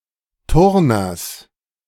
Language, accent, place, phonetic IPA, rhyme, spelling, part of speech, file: German, Germany, Berlin, [ˈtʊʁnɐs], -ʊʁnɐs, Turners, noun, De-Turners.ogg
- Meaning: genitive singular of Turner